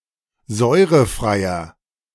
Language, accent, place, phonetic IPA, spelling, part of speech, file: German, Germany, Berlin, [ˈzɔɪ̯ʁəˌfʁaɪ̯ɐ], säurefreier, adjective, De-säurefreier.ogg
- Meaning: inflection of säurefrei: 1. strong/mixed nominative masculine singular 2. strong genitive/dative feminine singular 3. strong genitive plural